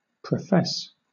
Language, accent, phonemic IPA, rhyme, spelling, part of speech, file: English, Southern England, /pɹəˈfɛs/, -ɛs, profess, verb, LL-Q1860 (eng)-profess.wav
- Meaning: 1. To administer the vows of a religious order to (someone); to admit to a religious order 2. To declare oneself (to be something) 3. To declare; to assert, affirm